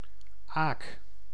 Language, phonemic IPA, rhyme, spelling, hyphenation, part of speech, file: Dutch, /aːk/, -aːk, aak, aak, noun, Nl-aak.ogg
- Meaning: barge (type of ship that sails on rivers)